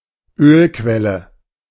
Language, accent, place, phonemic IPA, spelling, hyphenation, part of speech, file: German, Germany, Berlin, /ˈøːlˌkvɛlə/, Ölquelle, Öl‧quel‧le, noun, De-Ölquelle.ogg
- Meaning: oil well